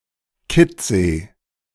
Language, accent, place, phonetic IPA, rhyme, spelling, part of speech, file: German, Germany, Berlin, [kiˈt͡seː], -eː, Kittsee, proper noun, De-Kittsee.ogg
- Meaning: a municipality of Burgenland, Austria